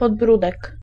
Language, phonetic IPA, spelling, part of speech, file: Polish, [pɔdˈbrudɛk], podbródek, noun, Pl-podbródek.ogg